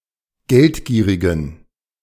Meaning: inflection of geldgierig: 1. strong genitive masculine/neuter singular 2. weak/mixed genitive/dative all-gender singular 3. strong/weak/mixed accusative masculine singular 4. strong dative plural
- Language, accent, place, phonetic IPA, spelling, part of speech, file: German, Germany, Berlin, [ˈɡɛltˌɡiːʁɪɡn̩], geldgierigen, adjective, De-geldgierigen.ogg